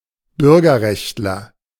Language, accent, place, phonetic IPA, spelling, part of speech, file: German, Germany, Berlin, [ˈbʏʁɡɐˌʁɛçtlɐ], Bürgerrechtler, noun, De-Bürgerrechtler.ogg
- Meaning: civil rights activist